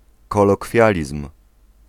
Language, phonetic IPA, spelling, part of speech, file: Polish, [ˌkɔlɔˈkfʲjalʲism̥], kolokwializm, noun, Pl-kolokwializm.ogg